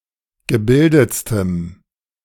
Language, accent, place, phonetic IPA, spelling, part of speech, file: German, Germany, Berlin, [ɡəˈbɪldət͡stəm], gebildetstem, adjective, De-gebildetstem.ogg
- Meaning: strong dative masculine/neuter singular superlative degree of gebildet